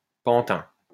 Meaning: puppet
- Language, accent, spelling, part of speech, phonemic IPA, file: French, France, pantin, noun, /pɑ̃.tɛ̃/, LL-Q150 (fra)-pantin.wav